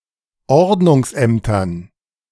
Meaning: dative plural of Ordnungsamt
- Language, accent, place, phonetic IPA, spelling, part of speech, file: German, Germany, Berlin, [ˈɔʁdnʊŋsˌʔɛmtɐn], Ordnungsämtern, noun, De-Ordnungsämtern.ogg